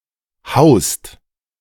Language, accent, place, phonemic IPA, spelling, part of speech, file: German, Germany, Berlin, /haʊ̯st/, haust, verb, De-haust.ogg
- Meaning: 1. second-person singular present of hauen 2. inflection of hausen: second/third-person singular present 3. inflection of hausen: second-person plural present